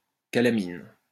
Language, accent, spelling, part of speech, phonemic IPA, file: French, France, calamine, noun, /ka.la.min/, LL-Q150 (fra)-calamine.wav
- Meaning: 1. calamine, form of zinc oxide formed as a byproduct of sublimation 2. carbon residue formed as a byproduct in two-stroke engines